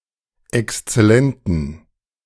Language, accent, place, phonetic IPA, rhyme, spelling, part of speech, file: German, Germany, Berlin, [ɛkst͡sɛˈlɛntn̩], -ɛntn̩, exzellenten, adjective, De-exzellenten.ogg
- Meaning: inflection of exzellent: 1. strong genitive masculine/neuter singular 2. weak/mixed genitive/dative all-gender singular 3. strong/weak/mixed accusative masculine singular 4. strong dative plural